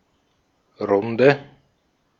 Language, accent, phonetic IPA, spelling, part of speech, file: German, Austria, [ˈʁʊndə], Runde, noun, De-at-Runde.ogg
- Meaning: 1. round (of drinks) 2. circle, group (constellation of friends or colleagues engaging in a shared activity) 3. round (circular or repetitious route) 4. lap (one circuit around a race track)